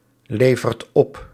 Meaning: inflection of opleveren: 1. second/third-person singular present indicative 2. plural imperative
- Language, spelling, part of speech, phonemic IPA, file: Dutch, levert op, verb, /ˈlevərt ˈɔp/, Nl-levert op.ogg